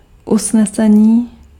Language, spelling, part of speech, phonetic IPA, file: Czech, usnesení, noun, [ˈusnɛsɛɲiː], Cs-usnesení.ogg
- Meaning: resolution (formal statement adopted by an assembly)